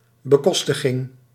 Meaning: defrayment
- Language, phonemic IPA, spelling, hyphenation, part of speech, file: Dutch, /bəˈkɔs.tə.ɣɪŋ/, bekostiging, be‧kos‧ti‧ging, noun, Nl-bekostiging.ogg